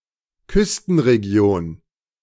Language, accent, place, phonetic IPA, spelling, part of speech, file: German, Germany, Berlin, [ˈkʏstn̩ʁeˌɡi̯oːn], Küstenregion, noun, De-Küstenregion.ogg
- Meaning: littoral (coastal region)